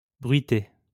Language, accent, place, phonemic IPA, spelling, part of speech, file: French, France, Lyon, /bʁɥi.te/, bruité, verb, LL-Q150 (fra)-bruité.wav
- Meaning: past participle of bruiter